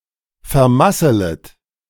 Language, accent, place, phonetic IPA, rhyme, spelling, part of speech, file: German, Germany, Berlin, [fɛɐ̯ˈmasələt], -asələt, vermasselet, verb, De-vermasselet.ogg
- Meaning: second-person plural subjunctive I of vermasseln